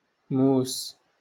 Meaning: knife
- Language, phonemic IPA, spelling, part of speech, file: Moroccan Arabic, /muːs/, موس, noun, LL-Q56426 (ary)-موس.wav